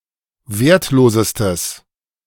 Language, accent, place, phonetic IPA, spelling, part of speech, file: German, Germany, Berlin, [ˈveːɐ̯tˌloːzəstəs], wertlosestes, adjective, De-wertlosestes.ogg
- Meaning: strong/mixed nominative/accusative neuter singular superlative degree of wertlos